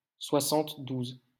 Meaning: seventy-two
- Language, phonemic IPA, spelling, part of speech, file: French, /swa.sɑ̃t.duz/, soixante-douze, numeral, LL-Q150 (fra)-soixante-douze.wav